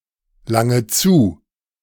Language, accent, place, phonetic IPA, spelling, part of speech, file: German, Germany, Berlin, [ˌlaŋə ˈt͡suː], lange zu, verb, De-lange zu.ogg
- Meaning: inflection of zulangen: 1. first-person singular present 2. first/third-person singular subjunctive I 3. singular imperative